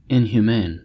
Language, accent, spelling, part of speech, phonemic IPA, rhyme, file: English, US, inhumane, adjective, /ˌɪnhjuːˈmeɪn/, -eɪn, En-us-inhumane.ogg
- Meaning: Alternative form of inhuman: lacking pity or compassion for misery and suffering; cruel, unkind